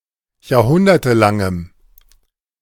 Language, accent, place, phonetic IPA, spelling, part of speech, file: German, Germany, Berlin, [jaːɐ̯ˈhʊndɐtəˌlaŋəm], jahrhundertelangem, adjective, De-jahrhundertelangem.ogg
- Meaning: strong dative masculine/neuter singular of jahrhundertelang